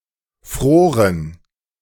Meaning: first/third-person plural preterite of frieren
- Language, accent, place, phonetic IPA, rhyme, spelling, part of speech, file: German, Germany, Berlin, [ˈfʁoːʁən], -oːʁən, froren, verb, De-froren.ogg